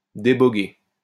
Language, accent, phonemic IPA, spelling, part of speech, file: French, France, /de.bɔ.ɡe/, déboguer, verb, LL-Q150 (fra)-déboguer.wav
- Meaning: to debug